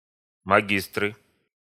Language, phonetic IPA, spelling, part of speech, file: Russian, [mɐˈɡʲistrɨ], магистры, noun, Ru-магистры.ogg
- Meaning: nominative plural of маги́стр (magístr)